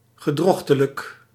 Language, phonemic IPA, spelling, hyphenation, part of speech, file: Dutch, /ɣəˈdrɔx.tə.lək/, gedrochtelijk, ge‧droch‧te‧lijk, adjective, Nl-gedrochtelijk.ogg
- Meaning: 1. monstrous, hideous (resembling a monster) 2. misshapen, deformed (often of congenital malformations) 3. chimeric, fabricated, delusional